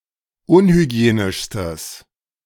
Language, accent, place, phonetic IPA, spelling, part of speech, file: German, Germany, Berlin, [ˈʊnhyˌɡi̯eːnɪʃstəs], unhygienischstes, adjective, De-unhygienischstes.ogg
- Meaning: strong/mixed nominative/accusative neuter singular superlative degree of unhygienisch